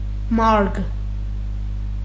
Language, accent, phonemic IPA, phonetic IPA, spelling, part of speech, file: Armenian, Eastern Armenian, /mɑɾɡ/, [mɑɾɡ], մարգ, noun, Hy-մարգ.ogg
- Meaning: 1. meadow, field 2. plot, bed (in a garden)